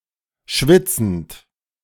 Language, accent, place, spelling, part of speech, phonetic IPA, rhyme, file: German, Germany, Berlin, schwitzend, verb, [ˈʃvɪt͡sn̩t], -ɪt͡sn̩t, De-schwitzend.ogg
- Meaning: present participle of schwitzen